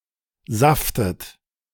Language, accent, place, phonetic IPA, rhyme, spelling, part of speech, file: German, Germany, Berlin, [ˈzaftət], -aftət, saftet, verb, De-saftet.ogg
- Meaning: inflection of saften: 1. third-person singular present 2. second-person plural present 3. second-person plural subjunctive I 4. plural imperative